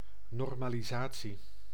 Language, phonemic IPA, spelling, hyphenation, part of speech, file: Dutch, /ˌnɔr.maː.liˈzaː.(t)si/, normalisatie, nor‧ma‧li‧sa‧tie, noun, Nl-normalisatie.ogg
- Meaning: normalization